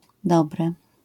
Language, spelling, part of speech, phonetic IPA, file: Polish, dobre, noun / adjective, [ˈdɔbrɛ], LL-Q809 (pol)-dobre.wav